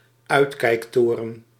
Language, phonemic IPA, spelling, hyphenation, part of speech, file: Dutch, /ˈœy̯t.kɛi̯kˌtoː.rə(n)/, uitkijktoren, uit‧kijk‧to‧ren, noun, Nl-uitkijktoren.ogg
- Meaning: lookout tower